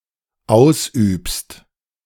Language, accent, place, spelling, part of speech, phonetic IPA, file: German, Germany, Berlin, ausübst, verb, [ˈaʊ̯sˌʔyːpst], De-ausübst.ogg
- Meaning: second-person singular dependent present of ausüben